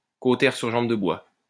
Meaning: alternative form of cautère sur une jambe de bois
- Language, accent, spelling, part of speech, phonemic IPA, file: French, France, cautère sur jambe de bois, noun, /ko.tɛʁ syʁ ʒɑ̃b də bwa/, LL-Q150 (fra)-cautère sur jambe de bois.wav